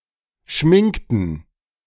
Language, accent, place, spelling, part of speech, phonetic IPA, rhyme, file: German, Germany, Berlin, schminkten, verb, [ˈʃmɪŋktn̩], -ɪŋktn̩, De-schminkten.ogg
- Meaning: inflection of schminken: 1. first/third-person plural preterite 2. first/third-person plural subjunctive II